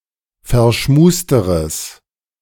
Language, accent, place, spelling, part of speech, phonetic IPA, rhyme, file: German, Germany, Berlin, verschmusteres, adjective, [fɛɐ̯ˈʃmuːstəʁəs], -uːstəʁəs, De-verschmusteres.ogg
- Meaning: strong/mixed nominative/accusative neuter singular comparative degree of verschmust